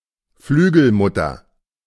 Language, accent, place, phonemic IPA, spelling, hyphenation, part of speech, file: German, Germany, Berlin, /ˈflyːɡl̩ˌmʊtɐ/, Flügelmutter, Flü‧gel‧mut‧ter, noun, De-Flügelmutter.ogg
- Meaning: wing nut